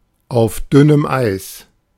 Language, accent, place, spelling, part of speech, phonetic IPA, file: German, Germany, Berlin, auf dünnem Eis, phrase, [aʊ̯f ˈdʏnəm ˌaɪ̯s], De-auf dünnem Eis.ogg
- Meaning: on thin ice